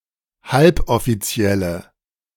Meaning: inflection of halboffiziell: 1. strong/mixed nominative/accusative feminine singular 2. strong nominative/accusative plural 3. weak nominative all-gender singular
- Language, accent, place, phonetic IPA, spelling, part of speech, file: German, Germany, Berlin, [ˈhalpʔɔfiˌt͡si̯ɛlə], halboffizielle, adjective, De-halboffizielle.ogg